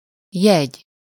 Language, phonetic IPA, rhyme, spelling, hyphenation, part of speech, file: Hungarian, [ˈjɛɟ], -ɛɟ, jegy, jegy, noun, Hu-jegy.ogg
- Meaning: 1. sign, mark, feature, trait, characteristic (mainly in phrases and compounds) 2. a piece of paper attesting entitlement: ticket